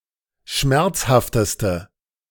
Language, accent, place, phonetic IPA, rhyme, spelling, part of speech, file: German, Germany, Berlin, [ˈʃmɛʁt͡shaftəstə], -ɛʁt͡shaftəstə, schmerzhafteste, adjective, De-schmerzhafteste.ogg
- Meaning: inflection of schmerzhaft: 1. strong/mixed nominative/accusative feminine singular superlative degree 2. strong nominative/accusative plural superlative degree